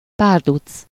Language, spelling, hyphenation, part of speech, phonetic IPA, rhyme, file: Hungarian, párduc, pár‧duc, noun, [ˈpaːrdut͡s], -ut͡s, Hu-párduc.ogg
- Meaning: panther (big cat of genus Panthera)